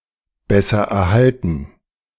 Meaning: comparative degree of guterhalten
- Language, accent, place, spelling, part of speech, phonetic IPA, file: German, Germany, Berlin, besser erhalten, adjective, [ˈbɛsɐ ɛɐ̯ˌhaltn̩], De-besser erhalten.ogg